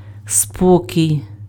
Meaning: calm, calmness, tranquility, placidity, peace, quiet, peacefulness
- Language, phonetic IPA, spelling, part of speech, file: Ukrainian, [ˈspɔkʲii̯], спокій, noun, Uk-спокій.ogg